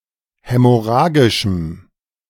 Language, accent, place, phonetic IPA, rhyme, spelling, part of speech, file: German, Germany, Berlin, [ˌhɛmɔˈʁaːɡɪʃm̩], -aːɡɪʃm̩, hämorrhagischem, adjective, De-hämorrhagischem.ogg
- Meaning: strong dative masculine/neuter singular of hämorrhagisch